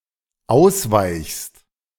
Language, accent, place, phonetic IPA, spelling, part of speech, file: German, Germany, Berlin, [ˈaʊ̯sˌvaɪ̯çst], ausweichst, verb, De-ausweichst.ogg
- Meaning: second-person singular dependent present of ausweichen